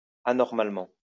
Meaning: abnormally
- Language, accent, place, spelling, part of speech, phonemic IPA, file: French, France, Lyon, anormalement, adverb, /a.nɔʁ.mal.mɑ̃/, LL-Q150 (fra)-anormalement.wav